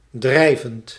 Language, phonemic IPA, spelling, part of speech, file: Dutch, /ˈdrɛivənt/, drijvend, verb / adjective, Nl-drijvend.ogg
- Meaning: present participle of drijven